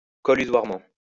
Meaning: collusively
- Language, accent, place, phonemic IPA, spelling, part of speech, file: French, France, Lyon, /kɔ.ly.zwaʁ.mɑ̃/, collusoirement, adverb, LL-Q150 (fra)-collusoirement.wav